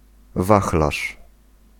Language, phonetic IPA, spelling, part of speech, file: Polish, [ˈvaxlaʃ], wachlarz, noun, Pl-wachlarz.ogg